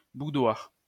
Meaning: 1. boudoir (woman's private sitting room) 2. sponge, ladyfinger
- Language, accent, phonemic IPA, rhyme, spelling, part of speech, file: French, France, /bu.dwaʁ/, -waʁ, boudoir, noun, LL-Q150 (fra)-boudoir.wav